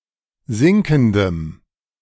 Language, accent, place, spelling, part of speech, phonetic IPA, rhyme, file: German, Germany, Berlin, sinkendem, adjective, [ˈzɪŋkn̩dəm], -ɪŋkn̩dəm, De-sinkendem.ogg
- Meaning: strong dative masculine/neuter singular of sinkend